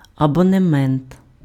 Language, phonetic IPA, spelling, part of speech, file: Ukrainian, [ɐbɔneˈmɛnt], абонемент, noun, Uk-абонемент.ogg
- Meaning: subscription, season ticket